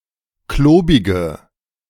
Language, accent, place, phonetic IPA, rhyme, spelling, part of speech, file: German, Germany, Berlin, [ˈkloːbɪɡə], -oːbɪɡə, klobige, adjective, De-klobige.ogg
- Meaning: inflection of klobig: 1. strong/mixed nominative/accusative feminine singular 2. strong nominative/accusative plural 3. weak nominative all-gender singular 4. weak accusative feminine/neuter singular